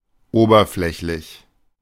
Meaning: superficial
- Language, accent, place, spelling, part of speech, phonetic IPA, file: German, Germany, Berlin, oberflächlich, adjective, [ˈoːbɐˌflɛçlɪç], De-oberflächlich.ogg